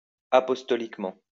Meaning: apostolically
- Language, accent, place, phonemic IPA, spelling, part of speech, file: French, France, Lyon, /a.pɔs.tɔ.lik.mɑ̃/, apostoliquement, adverb, LL-Q150 (fra)-apostoliquement.wav